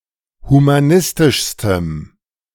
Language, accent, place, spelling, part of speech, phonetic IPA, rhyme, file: German, Germany, Berlin, humanistischstem, adjective, [humaˈnɪstɪʃstəm], -ɪstɪʃstəm, De-humanistischstem.ogg
- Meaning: strong dative masculine/neuter singular superlative degree of humanistisch